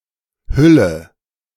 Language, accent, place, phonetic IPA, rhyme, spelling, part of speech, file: German, Germany, Berlin, [ˈhʏlə], -ʏlə, hülle, verb, De-hülle.ogg
- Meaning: inflection of hüllen: 1. first-person singular present 2. first/third-person singular subjunctive I 3. singular imperative